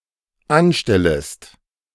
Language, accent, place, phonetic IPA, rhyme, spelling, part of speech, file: German, Germany, Berlin, [ˈanˌʃtɛləst], -anʃtɛləst, anstellest, verb, De-anstellest.ogg
- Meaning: second-person singular dependent subjunctive I of anstellen